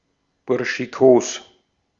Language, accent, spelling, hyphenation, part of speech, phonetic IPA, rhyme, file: German, Austria, burschikos, bur‧schi‧kos, adjective, [ˌbʊʁʃiˈkoːs], -oːs, De-at-burschikos.ogg
- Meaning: 1. casual, informal 2. tomboyish